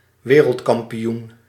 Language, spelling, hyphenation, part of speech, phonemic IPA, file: Dutch, wereldkampioen, we‧reld‧kam‧pi‧oen, noun, /ˈʋeː.rəlt.kɑm.piˌun/, Nl-wereldkampioen.ogg
- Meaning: world champion